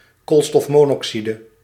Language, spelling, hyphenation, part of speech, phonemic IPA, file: Dutch, koolstofmonoxide, kool‧stof‧mo‧noxi‧de, noun, /koːlstɔfmoːnɔksidə/, Nl-koolstofmonoxide.ogg
- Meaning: carbon monoxide